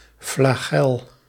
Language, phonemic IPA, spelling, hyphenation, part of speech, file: Dutch, /flaːˈɣɛl/, flagel, fla‧gel, noun, Nl-flagel.ogg
- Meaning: flagellum